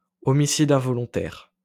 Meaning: manslaughter
- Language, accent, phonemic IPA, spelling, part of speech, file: French, France, /ɔ.mi.si.d‿ɛ̃.vɔ.lɔ̃.tɛʁ/, homicide involontaire, noun, LL-Q150 (fra)-homicide involontaire.wav